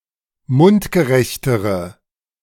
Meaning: inflection of mundgerecht: 1. strong/mixed nominative/accusative feminine singular comparative degree 2. strong nominative/accusative plural comparative degree
- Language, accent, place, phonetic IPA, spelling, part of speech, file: German, Germany, Berlin, [ˈmʊntɡəˌʁɛçtəʁə], mundgerechtere, adjective, De-mundgerechtere.ogg